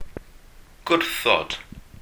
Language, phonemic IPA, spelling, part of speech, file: Welsh, /ˈɡʊrθɔd/, gwrthod, verb, Cy-gwrthod.ogg
- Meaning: to refuse